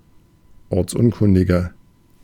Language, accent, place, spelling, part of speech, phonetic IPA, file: German, Germany, Berlin, ortsunkundiger, adjective, [ˈɔʁt͡sˌʔʊnkʊndɪɡɐ], De-ortsunkundiger.ogg
- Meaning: 1. comparative degree of ortsunkundig 2. inflection of ortsunkundig: strong/mixed nominative masculine singular 3. inflection of ortsunkundig: strong genitive/dative feminine singular